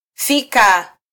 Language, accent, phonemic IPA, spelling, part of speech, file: Swahili, Kenya, /ˈfi.kɑ/, fika, verb, Sw-ke-fika.flac
- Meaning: to arrive